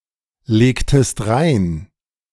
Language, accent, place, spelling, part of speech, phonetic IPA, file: German, Germany, Berlin, legtest rein, verb, [ˌleːktəst ˈʁaɪ̯n], De-legtest rein.ogg
- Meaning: inflection of reinlegen: 1. second-person singular preterite 2. second-person singular subjunctive II